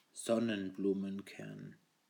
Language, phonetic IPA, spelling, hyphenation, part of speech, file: German, [ˈzɔnənbluːmənˌkɛʁn], Sonnenblumenkern, Son‧nen‧blu‧men‧kern, noun, De-Sonnenblumenkern.ogg
- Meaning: sunflower seed